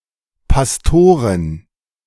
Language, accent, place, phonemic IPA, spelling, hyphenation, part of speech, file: German, Germany, Berlin, /pasˈtoːʁɪn/, Pastorin, Pas‧to‧rin, noun, De-Pastorin.ogg
- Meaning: 1. female pastor 2. wife of a pastor